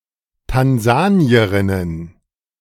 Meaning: plural of Tansanierin
- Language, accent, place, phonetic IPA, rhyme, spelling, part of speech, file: German, Germany, Berlin, [tanˈzaːni̯əʁɪnən], -aːni̯əʁɪnən, Tansanierinnen, noun, De-Tansanierinnen.ogg